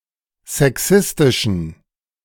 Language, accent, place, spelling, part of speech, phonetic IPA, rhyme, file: German, Germany, Berlin, sexistischen, adjective, [zɛˈksɪstɪʃn̩], -ɪstɪʃn̩, De-sexistischen.ogg
- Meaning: inflection of sexistisch: 1. strong genitive masculine/neuter singular 2. weak/mixed genitive/dative all-gender singular 3. strong/weak/mixed accusative masculine singular 4. strong dative plural